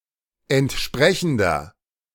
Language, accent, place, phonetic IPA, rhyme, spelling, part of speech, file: German, Germany, Berlin, [ɛntˈʃpʁɛçn̩dɐ], -ɛçn̩dɐ, entsprechender, adjective, De-entsprechender.ogg
- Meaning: inflection of entsprechend: 1. strong/mixed nominative masculine singular 2. strong genitive/dative feminine singular 3. strong genitive plural